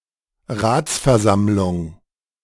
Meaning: council meeting, council
- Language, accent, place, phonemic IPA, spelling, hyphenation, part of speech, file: German, Germany, Berlin, /ˈʁaːts.fɛɐ̯ˌzamlʊŋ/, Ratsversammlung, Rats‧ver‧samm‧lung, noun, De-Ratsversammlung.ogg